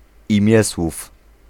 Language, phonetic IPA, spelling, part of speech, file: Polish, [ĩˈmʲjɛswuf], imiesłów, noun, Pl-imiesłów.ogg